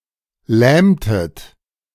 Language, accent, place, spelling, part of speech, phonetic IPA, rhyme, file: German, Germany, Berlin, lähmtet, verb, [ˈlɛːmtət], -ɛːmtət, De-lähmtet.ogg
- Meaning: inflection of lähmen: 1. second-person plural preterite 2. second-person plural subjunctive II